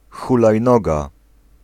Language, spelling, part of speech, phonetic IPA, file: Polish, hulajnoga, noun, [ˌxulajˈnɔɡa], Pl-hulajnoga.ogg